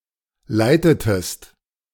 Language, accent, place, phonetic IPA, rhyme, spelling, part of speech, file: German, Germany, Berlin, [ˈlaɪ̯tətəst], -aɪ̯tətəst, leitetest, verb, De-leitetest.ogg
- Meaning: inflection of leiten: 1. second-person singular preterite 2. second-person singular subjunctive II